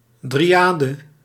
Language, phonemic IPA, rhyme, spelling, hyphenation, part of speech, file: Dutch, /ˌdriˈaː.də/, -aːdə, dryade, dry‧a‧de, noun, Nl-dryade.ogg
- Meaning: dryad